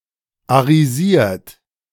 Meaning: 1. past participle of arisieren 2. inflection of arisieren: second-person plural present 3. inflection of arisieren: third-person singular present 4. inflection of arisieren: plural imperative
- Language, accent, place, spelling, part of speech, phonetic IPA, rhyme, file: German, Germany, Berlin, arisiert, verb, [aʁiˈziːɐ̯t], -iːɐ̯t, De-arisiert.ogg